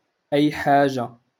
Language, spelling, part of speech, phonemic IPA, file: Moroccan Arabic, أي حاجة, pronoun, /ʔajː‿ħaː.ʒa/, LL-Q56426 (ary)-أي حاجة.wav
- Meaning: anything